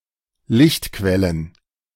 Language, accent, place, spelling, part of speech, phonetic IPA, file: German, Germany, Berlin, Lichtquellen, noun, [ˈlɪçtˌkvɛlən], De-Lichtquellen.ogg
- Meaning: plural of Lichtquelle